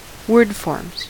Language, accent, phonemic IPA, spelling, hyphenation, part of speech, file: English, US, /ˈwɝdfɔɹmz/, wordforms, word‧forms, noun, En-us-wordforms.ogg
- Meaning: plural of wordform